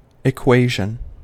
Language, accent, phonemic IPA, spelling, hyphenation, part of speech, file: English, US, /ɪˈkweɪ.ʒən/, equation, e‧qua‧tion, noun, En-us-equation.ogg
- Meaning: The act or process of equating two or more things, or the state of those things being equal (that is, identical)